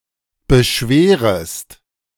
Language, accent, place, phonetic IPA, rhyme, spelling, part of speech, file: German, Germany, Berlin, [bəˈʃveːʁəst], -eːʁəst, beschwerest, verb, De-beschwerest.ogg
- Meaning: second-person singular subjunctive I of beschweren